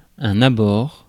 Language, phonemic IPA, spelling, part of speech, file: French, /a.bɔʁ/, abord, noun, Fr-abord.ogg
- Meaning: 1. the manner with which one acts in the presence of another person or persons, especially in a first encounter 2. the surroundings of a place 3. arrival or accessibility by water